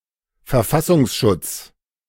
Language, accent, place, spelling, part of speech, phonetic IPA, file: German, Germany, Berlin, Verfassungsschutz, noun, [fɛɐ̯ˈfasʊŋsˌʃʊt͡s], De-Verfassungsschutz.ogg